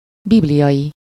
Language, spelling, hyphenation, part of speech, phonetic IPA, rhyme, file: Hungarian, bibliai, bib‧li‧ai, adjective, [ˈbiblijɒji], -ji, Hu-bibliai.ogg
- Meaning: biblical